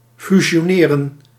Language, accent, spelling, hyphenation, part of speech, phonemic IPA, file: Dutch, Netherlands, fusioneren, fu‧si‧o‧ne‧ren, verb, /fy.z(i)joːˈneː.rə(n)/, Nl-fusioneren.ogg
- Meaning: to merge